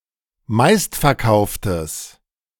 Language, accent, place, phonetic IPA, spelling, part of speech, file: German, Germany, Berlin, [ˈmaɪ̯stfɛɐ̯ˌkaʊ̯ftəs], meistverkauftes, adjective, De-meistverkauftes.ogg
- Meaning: strong/mixed nominative/accusative neuter singular of meistverkauft